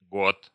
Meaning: 1. Goth (historical) 2. goth (subculture)
- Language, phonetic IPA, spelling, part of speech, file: Russian, [ɡot], гот, noun, Ru-гот.ogg